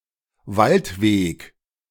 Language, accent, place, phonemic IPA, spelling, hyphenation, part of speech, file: German, Germany, Berlin, /ˈvaltˌveːk/, Waldweg, Wald‧weg, noun, De-Waldweg.ogg
- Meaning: forest path, forest road